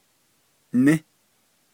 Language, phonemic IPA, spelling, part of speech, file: Navajo, /nɪ́/, ní, verb, Nv-ní.ogg
- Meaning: he/she says